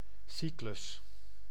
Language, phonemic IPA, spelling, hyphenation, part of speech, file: Dutch, /ˈsi.klʏs/, cyclus, cy‧clus, noun, Nl-cyclus.ogg
- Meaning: 1. a cycle, a complete rotation 2. a cycle, a repeatable series 3. a cycle, a collection of related texts or artworks